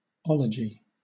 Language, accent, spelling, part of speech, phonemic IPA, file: English, Southern England, ology, noun, /ˈɒ.lə.d͡ʒɪ/, LL-Q1860 (eng)-ology.wav
- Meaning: Any branch of learning, especially one ending in “-logy”